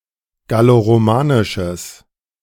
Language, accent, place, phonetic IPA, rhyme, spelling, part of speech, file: German, Germany, Berlin, [ɡaloʁoˈmaːnɪʃəs], -aːnɪʃəs, galloromanisches, adjective, De-galloromanisches.ogg
- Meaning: strong/mixed nominative/accusative neuter singular of galloromanisch